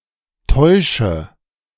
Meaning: inflection of täuschen: 1. first-person singular present 2. first/third-person singular subjunctive I 3. singular imperative
- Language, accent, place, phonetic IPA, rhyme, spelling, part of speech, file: German, Germany, Berlin, [ˈtɔɪ̯ʃə], -ɔɪ̯ʃə, täusche, verb, De-täusche.ogg